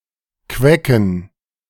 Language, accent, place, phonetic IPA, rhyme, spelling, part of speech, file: German, Germany, Berlin, [ˈkvɛkn̩], -ɛkn̩, Quecken, noun, De-Quecken.ogg
- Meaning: plural of Quecke